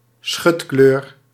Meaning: 1. camouflage 2. colour that provides camouflage
- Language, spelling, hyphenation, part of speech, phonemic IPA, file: Dutch, schutkleur, schut‧kleur, noun, /ˈsxʏt.kløːr/, Nl-schutkleur.ogg